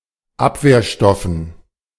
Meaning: dative plural of Abwehrstoff
- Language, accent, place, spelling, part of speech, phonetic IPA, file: German, Germany, Berlin, Abwehrstoffen, noun, [ˈapveːɐ̯ˌʃtɔfn̩], De-Abwehrstoffen.ogg